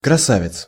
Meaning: a beauty, a handsome man or beautiful object
- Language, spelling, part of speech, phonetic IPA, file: Russian, красавец, noun, [krɐˈsavʲɪt͡s], Ru-красавец.ogg